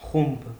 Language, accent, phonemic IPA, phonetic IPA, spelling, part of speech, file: Armenian, Eastern Armenian, /χumb/, [χumb], խումբ, noun, Hy-խումբ.ogg
- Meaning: group